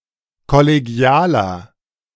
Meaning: 1. comparative degree of kollegial 2. inflection of kollegial: strong/mixed nominative masculine singular 3. inflection of kollegial: strong genitive/dative feminine singular
- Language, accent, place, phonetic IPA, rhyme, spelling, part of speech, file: German, Germany, Berlin, [kɔleˈɡi̯aːlɐ], -aːlɐ, kollegialer, adjective, De-kollegialer.ogg